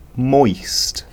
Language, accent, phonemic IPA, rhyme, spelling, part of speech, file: English, Received Pronunciation, /mɔɪst/, -ɔɪst, moist, adjective / noun / verb, En-uk-moist.ogg
- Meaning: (adjective) 1. Characterized by the presence of moisture; not dry; slightly wet; damp 2. Of eyes: wet with tears; tearful; also (obsolete), watery due to some illness or to old age